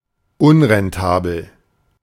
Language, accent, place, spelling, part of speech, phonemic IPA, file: German, Germany, Berlin, unrentabel, adjective, /ˈʊnʁɛnˌtaːbl̩/, De-unrentabel.ogg
- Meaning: unprofitable